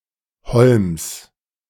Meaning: genitive singular of Holm
- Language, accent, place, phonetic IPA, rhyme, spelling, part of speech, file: German, Germany, Berlin, [hɔlms], -ɔlms, Holms, noun, De-Holms.ogg